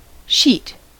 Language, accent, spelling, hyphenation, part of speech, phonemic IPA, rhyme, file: English, US, sheet, sheet, noun / verb, /ʃit/, -iːt, En-us-sheet.ogg
- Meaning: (noun) A thin bed cloth used as a covering for a mattress or as a layer over the sleeper